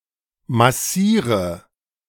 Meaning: inflection of massieren: 1. first-person singular present 2. singular imperative 3. first/third-person singular subjunctive I
- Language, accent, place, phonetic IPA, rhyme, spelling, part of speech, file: German, Germany, Berlin, [maˈsiːʁə], -iːʁə, massiere, verb, De-massiere.ogg